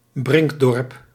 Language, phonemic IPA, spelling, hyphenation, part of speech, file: Dutch, /ˈbrɪŋk.dɔrp/, brinkdorp, brink‧dorp, noun, Nl-brinkdorp.ogg
- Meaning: a village with a village green as the central location for business and social life